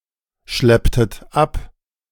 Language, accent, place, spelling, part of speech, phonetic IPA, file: German, Germany, Berlin, schlepptet ab, verb, [ˌʃlɛptət ˈap], De-schlepptet ab.ogg
- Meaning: inflection of abschleppen: 1. second-person plural preterite 2. second-person plural subjunctive II